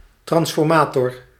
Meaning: transformer
- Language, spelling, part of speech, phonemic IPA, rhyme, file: Dutch, transformator, noun, /ˌtrɑns.fɔrˈmaː.tɔr/, -aːtɔr, Nl-transformator.ogg